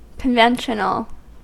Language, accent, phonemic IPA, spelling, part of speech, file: English, US, /kənˈvɛnʃənl̩/, conventional, adjective / noun, En-us-conventional.ogg
- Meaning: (adjective) 1. Pertaining to a convention, as in following generally accepted principles, methods and behaviour 2. Ordinary, commonplace 3. Banal, trite, hackneyed, unoriginal or clichéd